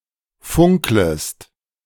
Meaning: second-person singular subjunctive I of funkeln
- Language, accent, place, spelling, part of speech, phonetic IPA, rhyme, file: German, Germany, Berlin, funklest, verb, [ˈfʊŋkləst], -ʊŋkləst, De-funklest.ogg